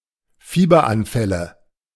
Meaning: nominative/accusative/genitive plural of Fieberanfall
- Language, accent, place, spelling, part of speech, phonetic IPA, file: German, Germany, Berlin, Fieberanfälle, noun, [ˈfiːbɐˌʔanfɛlə], De-Fieberanfälle.ogg